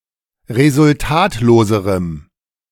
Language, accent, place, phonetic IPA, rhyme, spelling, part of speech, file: German, Germany, Berlin, [ʁezʊlˈtaːtloːzəʁəm], -aːtloːzəʁəm, resultatloserem, adjective, De-resultatloserem.ogg
- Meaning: strong dative masculine/neuter singular comparative degree of resultatlos